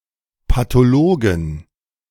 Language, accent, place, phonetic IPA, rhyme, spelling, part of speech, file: German, Germany, Berlin, [patoˈloːɡn̩], -oːɡn̩, Pathologen, noun, De-Pathologen.ogg
- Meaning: 1. genitive singular of Pathologe 2. plural of Pathologe